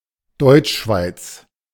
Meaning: German-speaking Switzerland
- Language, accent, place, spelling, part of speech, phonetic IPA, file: German, Germany, Berlin, Deutschschweiz, proper noun, [ˈdɔɪ̯t͡ʃˌʃvaɪ̯t͡s], De-Deutschschweiz.ogg